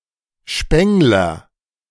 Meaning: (noun) plumber, tinsmith; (proper noun) a surname, Spengler, originating as an occupation
- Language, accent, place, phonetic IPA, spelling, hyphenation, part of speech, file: German, Germany, Berlin, [ˈʃpɛŋlɐ], Spengler, Speng‧ler, noun / proper noun, De-Spengler.ogg